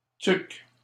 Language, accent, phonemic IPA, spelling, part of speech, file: French, Canada, /tyk/, tuque, noun, LL-Q150 (fra)-tuque.wav
- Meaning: toque (knit cap)